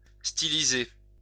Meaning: to stylize
- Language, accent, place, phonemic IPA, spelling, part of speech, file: French, France, Lyon, /sti.li.ze/, styliser, verb, LL-Q150 (fra)-styliser.wav